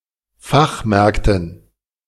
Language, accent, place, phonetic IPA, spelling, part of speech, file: German, Germany, Berlin, [ˈfaxˌmɛʁktn̩], Fachmärkten, noun, De-Fachmärkten.ogg
- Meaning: dative plural of Fachmarkt